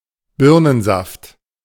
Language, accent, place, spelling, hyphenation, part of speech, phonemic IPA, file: German, Germany, Berlin, Birnensaft, Bir‧nen‧saft, noun, /ˈbɪʁnənˌzaft/, De-Birnensaft.ogg
- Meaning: pear juice